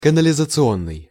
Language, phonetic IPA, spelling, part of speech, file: Russian, [kənəlʲɪzət͡sɨˈonːɨj], канализационный, adjective, Ru-канализационный.ogg
- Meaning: sewage